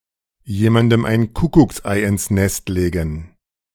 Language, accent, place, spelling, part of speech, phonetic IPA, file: German, Germany, Berlin, jemandem ein Kuckucksei ins Nest legen, verb, [ˈjeːmandəm ʔaɪ̯n ˈkʊkʊksʔaɪ̯ ʔɪns nɛst ˈleːɡn̩], De-jemandem ein Kuckucksei ins Nest legen2.ogg
- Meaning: to hurt someone such in a way that it only becomes apparent later